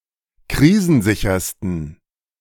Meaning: 1. superlative degree of krisensicher 2. inflection of krisensicher: strong genitive masculine/neuter singular superlative degree
- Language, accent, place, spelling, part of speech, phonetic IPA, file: German, Germany, Berlin, krisensichersten, adjective, [ˈkʁiːzn̩ˌzɪçɐstn̩], De-krisensichersten.ogg